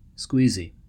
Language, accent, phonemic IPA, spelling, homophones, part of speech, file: English, US, /ˈskwiːzi/, squeasy, squeezy, adjective, En-us-squeasy.ogg
- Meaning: queasy; squeamish; fastidious; scrupulous